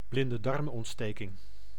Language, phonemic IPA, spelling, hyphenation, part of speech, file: Dutch, /blɪn.dəˈdɑrm.ɔntˌsteː.kɪŋ/, blindedarmontsteking, blin‧de‧darm‧ont‧ste‧king, noun, Nl-blindedarmontsteking.ogg
- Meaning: appendicitis, inflammation of the vermiform appendix